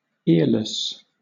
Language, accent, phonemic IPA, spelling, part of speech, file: English, Southern England, /ɪə̯ləs/, earless, adjective, LL-Q1860 (eng)-earless.wav
- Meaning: Lacking ears